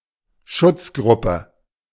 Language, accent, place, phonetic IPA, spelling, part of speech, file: German, Germany, Berlin, [ˈʃʊt͡sˌɡʁʊpə], Schutzgruppe, noun, De-Schutzgruppe.ogg
- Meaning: protecting group